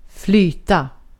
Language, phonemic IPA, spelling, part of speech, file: Swedish, /²flyːta/, flyta, verb, Sv-flyta.ogg
- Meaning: 1. to float; of an object or substance, to be supported by a fluid of greater density 2. to float; to be capable of floating 3. to float; to drift gently through the air